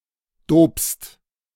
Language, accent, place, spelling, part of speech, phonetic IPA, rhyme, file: German, Germany, Berlin, dopst, verb, [doːpst], -oːpst, De-dopst.ogg
- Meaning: second-person singular present of dopen